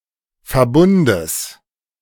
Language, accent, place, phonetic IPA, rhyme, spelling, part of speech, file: German, Germany, Berlin, [fɛɐ̯ˈbʊndəs], -ʊndəs, Verbundes, noun, De-Verbundes.ogg
- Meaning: genitive singular of Verbund